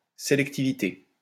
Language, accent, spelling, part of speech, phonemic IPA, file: French, France, sélectivité, noun, /se.lɛk.ti.vi.te/, LL-Q150 (fra)-sélectivité.wav
- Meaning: selectivity